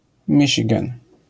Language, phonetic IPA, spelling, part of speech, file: Polish, [ˈmʲiʲt͡ʃʲiɡɛ̃n], Michigan, proper noun, LL-Q809 (pol)-Michigan.wav